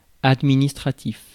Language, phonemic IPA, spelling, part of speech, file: French, /ad.mi.nis.tʁa.tif/, administratif, adjective, Fr-administratif.ogg
- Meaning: administrative